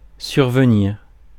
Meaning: 1. to occur 2. to happen unexpectedly 3. to appear, arrive (unexpectedly)
- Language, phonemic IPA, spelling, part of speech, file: French, /syʁ.və.niʁ/, survenir, verb, Fr-survenir.ogg